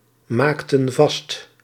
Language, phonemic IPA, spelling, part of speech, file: Dutch, /ˈmaktə(n) ˈvɑst/, maakten vast, verb, Nl-maakten vast.ogg
- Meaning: inflection of vastmaken: 1. plural past indicative 2. plural past subjunctive